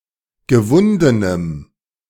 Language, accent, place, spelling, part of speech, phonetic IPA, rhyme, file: German, Germany, Berlin, gewundenem, adjective, [ɡəˈvʊndənəm], -ʊndənəm, De-gewundenem.ogg
- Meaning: strong dative masculine/neuter singular of gewunden